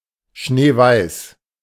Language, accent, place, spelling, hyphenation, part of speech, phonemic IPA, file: German, Germany, Berlin, schneeweiß, schnee‧weiß, adjective, /ˈʃneːˌvaɪ̯s/, De-schneeweiß.ogg
- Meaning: snow-white, white as snow, pure white